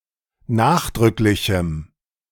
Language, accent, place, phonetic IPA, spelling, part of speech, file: German, Germany, Berlin, [ˈnaːxdʁʏklɪçm̩], nachdrücklichem, adjective, De-nachdrücklichem.ogg
- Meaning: strong dative masculine/neuter singular of nachdrücklich